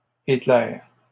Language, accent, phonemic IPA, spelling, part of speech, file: French, Canada, /e.klɛʁ/, éclairs, noun, LL-Q150 (fra)-éclairs.wav
- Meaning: plural of éclair